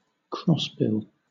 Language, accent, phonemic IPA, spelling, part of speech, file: English, Southern England, /ˈkɹɒsbɪl/, crossbill, noun, LL-Q1860 (eng)-crossbill.wav
- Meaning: Any of various finches of the genus Loxia, whose bill crosses over at the tips; they are specialist feeders on conifer cones